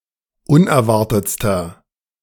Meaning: inflection of unerwartet: 1. strong/mixed nominative masculine singular superlative degree 2. strong genitive/dative feminine singular superlative degree 3. strong genitive plural superlative degree
- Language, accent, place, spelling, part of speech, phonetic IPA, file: German, Germany, Berlin, unerwartetster, adjective, [ˈʊnɛɐ̯ˌvaʁtət͡stɐ], De-unerwartetster.ogg